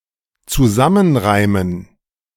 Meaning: to figure out
- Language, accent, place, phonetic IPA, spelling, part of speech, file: German, Germany, Berlin, [t͡suˈzamənˌʁaɪ̯mən], zusammenreimen, verb, De-zusammenreimen.ogg